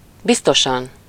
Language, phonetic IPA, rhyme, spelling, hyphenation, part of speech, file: Hungarian, [ˈbistoʃɒn], -ɒn, biztosan, biz‧to‧san, adverb, Hu-biztosan.ogg
- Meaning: surely, certainly, positively